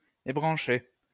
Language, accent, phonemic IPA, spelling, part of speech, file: French, France, /e.bʁɑ̃.ʃe/, ébrancher, verb, LL-Q150 (fra)-ébrancher.wav
- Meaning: to debranch (to remove the branches of a tree)